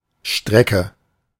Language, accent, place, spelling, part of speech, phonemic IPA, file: German, Germany, Berlin, Strecke, noun, /ˈʃtʁɛkə/, De-Strecke.ogg
- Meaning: 1. stretch 2. route 3. line segment